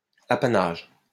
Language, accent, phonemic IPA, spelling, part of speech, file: French, France, /a.pa.naʒ/, apanage, noun / verb, LL-Q150 (fra)-apanage.wav
- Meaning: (noun) 1. prerogative, privilege 2. apanage; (verb) inflection of apanager: 1. first/third-person singular present indicative/subjunctive 2. second-person singular imperative